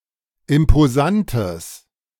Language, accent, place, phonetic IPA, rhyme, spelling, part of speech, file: German, Germany, Berlin, [ɪmpoˈzantəs], -antəs, imposantes, adjective, De-imposantes.ogg
- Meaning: strong/mixed nominative/accusative neuter singular of imposant